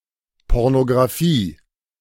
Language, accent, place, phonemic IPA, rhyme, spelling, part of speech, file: German, Germany, Berlin, /ˌpɔʁnoɡraˈfiː/, -iː, Pornografie, noun, De-Pornografie.ogg
- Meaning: pornography